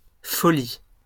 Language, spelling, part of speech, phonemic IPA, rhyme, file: French, folie, noun, /fɔ.li/, -i, LL-Q150 (fra)-folie.wav
- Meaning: 1. madness, folly, insanity; silliness, craziness 2. folly